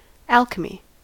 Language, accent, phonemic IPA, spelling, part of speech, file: English, US, /ˈælkəmi/, alchemy, noun, En-us-alchemy.ogg